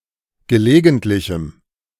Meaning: strong dative masculine/neuter singular of gelegentlich
- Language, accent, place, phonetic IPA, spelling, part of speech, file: German, Germany, Berlin, [ɡəˈleːɡn̩tlɪçm̩], gelegentlichem, adjective, De-gelegentlichem.ogg